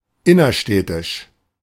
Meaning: inner-city
- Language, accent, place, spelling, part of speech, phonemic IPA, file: German, Germany, Berlin, innerstädtisch, adjective, /ˈɪnɐˌʃtɛtɪʃ/, De-innerstädtisch.ogg